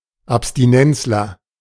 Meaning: teetotaler (male or of unspecified gender)
- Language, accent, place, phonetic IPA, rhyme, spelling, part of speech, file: German, Germany, Berlin, [apstiˈnɛnt͡slɐ], -ɛnt͡slɐ, Abstinenzler, noun, De-Abstinenzler.ogg